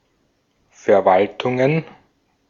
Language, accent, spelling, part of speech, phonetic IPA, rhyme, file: German, Austria, Verwaltungen, noun, [fɛɐ̯ˈvaltʊŋən], -altʊŋən, De-at-Verwaltungen.ogg
- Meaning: plural of Verwaltung